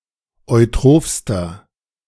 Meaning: inflection of eutroph: 1. strong/mixed nominative masculine singular superlative degree 2. strong genitive/dative feminine singular superlative degree 3. strong genitive plural superlative degree
- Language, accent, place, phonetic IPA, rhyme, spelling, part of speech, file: German, Germany, Berlin, [ɔɪ̯ˈtʁoːfstɐ], -oːfstɐ, eutrophster, adjective, De-eutrophster.ogg